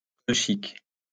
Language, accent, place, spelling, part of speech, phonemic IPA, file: French, France, Lyon, colchique, noun, /kɔl.ʃik/, LL-Q150 (fra)-colchique.wav
- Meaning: crocus, autumn crocus